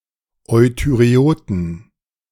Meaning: inflection of euthyreot: 1. strong genitive masculine/neuter singular 2. weak/mixed genitive/dative all-gender singular 3. strong/weak/mixed accusative masculine singular 4. strong dative plural
- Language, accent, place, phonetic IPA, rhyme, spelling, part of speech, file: German, Germany, Berlin, [ˌɔɪ̯tyʁeˈoːtn̩], -oːtn̩, euthyreoten, adjective, De-euthyreoten.ogg